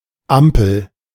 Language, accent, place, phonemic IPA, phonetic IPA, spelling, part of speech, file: German, Germany, Berlin, /ˈampəl/, [ˈʔäm.pʰl̩], Ampel, noun, De-Ampel.ogg
- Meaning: 1. traffic light 2. ellipsis of Ampelkoalition 3. ceiling lamp (lamp which hangs from the ceiling) 4. container (e.g. for a plant) which hangs from the ceiling